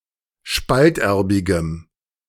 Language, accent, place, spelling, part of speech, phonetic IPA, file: German, Germany, Berlin, spalterbigem, adjective, [ˈʃpaltˌʔɛʁbɪɡəm], De-spalterbigem.ogg
- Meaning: strong dative masculine/neuter singular of spalterbig